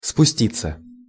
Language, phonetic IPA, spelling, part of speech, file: Russian, [spʊˈsʲtʲit͡sːə], спуститься, verb, Ru-спуститься.ogg
- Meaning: 1. to descend, to go down 2. to go with the stream, to go down stream 3. passive of спусти́ть (spustítʹ)